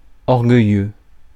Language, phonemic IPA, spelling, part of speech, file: French, /ɔʁ.ɡœ.jø/, orgueilleux, adjective, Fr-orgueilleux.ogg
- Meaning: haughty, proud, arrogant